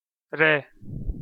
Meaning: the name of the Armenian letter ր (r)
- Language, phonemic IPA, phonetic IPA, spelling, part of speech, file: Armenian, /ɾe/, [ɾe], րե, noun, Hy-րե.ogg